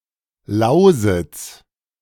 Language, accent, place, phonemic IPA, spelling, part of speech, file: German, Germany, Berlin, /ˈlaʊ̯zɪts/, Lausitz, proper noun, De-Lausitz.ogg
- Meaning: Lusatia (a cultural region in Central Europe, in modern Germany and Poland, in large parts traditionally Sorbian-speaking)